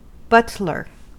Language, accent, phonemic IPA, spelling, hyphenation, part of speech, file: English, US, /ˈbʌt.lɚ/, butler, but‧ler, noun / verb, En-us-butler.ogg
- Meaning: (noun) A manservant having charge of wines and liquors